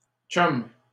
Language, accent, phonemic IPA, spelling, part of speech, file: French, Canada, /tʃɔm/, chum, noun, LL-Q150 (fra)-chum.wav
- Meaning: 1. boyfriend 2. a friend, usually male; a chum